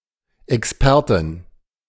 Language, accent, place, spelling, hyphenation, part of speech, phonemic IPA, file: German, Germany, Berlin, Expertin, Ex‧per‧tin, noun, /ʔɛksˈpɛɐ̯tɪn/, De-Expertin.ogg
- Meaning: a female expert